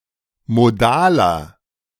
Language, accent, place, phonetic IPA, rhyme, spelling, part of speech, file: German, Germany, Berlin, [moˈdaːlɐ], -aːlɐ, modaler, adjective, De-modaler.ogg
- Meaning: inflection of modal: 1. strong/mixed nominative masculine singular 2. strong genitive/dative feminine singular 3. strong genitive plural